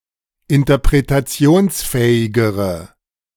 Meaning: inflection of interpretationsfähig: 1. strong/mixed nominative/accusative feminine singular comparative degree 2. strong nominative/accusative plural comparative degree
- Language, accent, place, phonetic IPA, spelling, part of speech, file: German, Germany, Berlin, [ɪntɐpʁetaˈt͡si̯oːnsˌfɛːɪɡəʁə], interpretationsfähigere, adjective, De-interpretationsfähigere.ogg